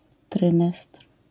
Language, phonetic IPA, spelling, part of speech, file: Polish, [ˈtrɨ̃mɛstr̥], trymestr, noun, LL-Q809 (pol)-trymestr.wav